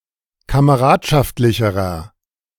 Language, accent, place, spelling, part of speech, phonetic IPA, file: German, Germany, Berlin, kameradschaftlicherer, adjective, [kaməˈʁaːtʃaftlɪçəʁɐ], De-kameradschaftlicherer.ogg
- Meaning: inflection of kameradschaftlich: 1. strong/mixed nominative masculine singular comparative degree 2. strong genitive/dative feminine singular comparative degree